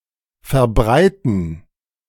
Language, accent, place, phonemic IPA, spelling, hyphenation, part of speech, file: German, Germany, Berlin, /fɛɐ̯ˈbʁaɪ̯.tn̩/, Verbreiten, Ver‧brei‧ten, noun, De-Verbreiten.ogg
- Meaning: gerund of verbreiten